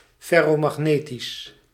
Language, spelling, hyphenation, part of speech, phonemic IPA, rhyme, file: Dutch, ferromagnetisch, fer‧ro‧mag‧ne‧tisch, adjective, /fɛroːmɑxˈneːtis/, -eːtis, Nl-ferromagnetisch.ogg
- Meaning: ferromagnetic